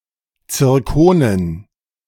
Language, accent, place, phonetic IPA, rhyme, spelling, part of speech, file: German, Germany, Berlin, [t͡sɪʁˈkoːnən], -oːnən, Zirkonen, noun, De-Zirkonen.ogg
- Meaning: dative plural of Zirkon